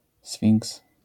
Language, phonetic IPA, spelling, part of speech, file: Polish, [sfʲĩŋks], sfinks, noun, LL-Q809 (pol)-sfinks.wav